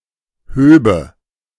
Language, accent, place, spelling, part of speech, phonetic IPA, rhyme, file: German, Germany, Berlin, höbe, verb, [ˈhøːbə], -øːbə, De-höbe.ogg
- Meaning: first/third-person singular subjunctive II of heben